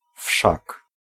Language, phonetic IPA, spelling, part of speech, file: Polish, [fʃak], wszak, particle, Pl-wszak.ogg